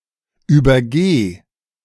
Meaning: singular imperative of übergehen
- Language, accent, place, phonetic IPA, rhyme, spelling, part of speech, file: German, Germany, Berlin, [yːbɐˈɡeː], -eː, übergeh, verb, De-übergeh.ogg